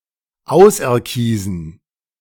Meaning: to choose
- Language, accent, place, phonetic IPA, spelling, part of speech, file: German, Germany, Berlin, [ˈaʊ̯sʔɛɐ̯ˌkiːzn̩], auserkiesen, verb, De-auserkiesen.ogg